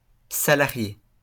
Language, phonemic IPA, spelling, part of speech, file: French, /sa.la.ʁje/, salarié, adjective / noun / verb, LL-Q150 (fra)-salarié.wav
- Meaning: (adjective) salaried, having a salary/wage; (noun) employee; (verb) past participle of salarier